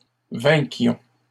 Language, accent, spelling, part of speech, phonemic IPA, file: French, Canada, vainquions, verb, /vɛ̃.kjɔ̃/, LL-Q150 (fra)-vainquions.wav
- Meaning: inflection of vaincre: 1. first-person plural imperfect indicative 2. first-person plural present subjunctive